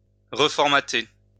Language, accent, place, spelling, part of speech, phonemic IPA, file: French, France, Lyon, reformater, verb, /ʁə.fɔʁ.ma.te/, LL-Q150 (fra)-reformater.wav
- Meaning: to reformat